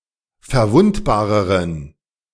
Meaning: inflection of verwundbar: 1. strong genitive masculine/neuter singular comparative degree 2. weak/mixed genitive/dative all-gender singular comparative degree
- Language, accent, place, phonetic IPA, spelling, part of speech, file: German, Germany, Berlin, [fɛɐ̯ˈvʊntbaːʁəʁən], verwundbareren, adjective, De-verwundbareren.ogg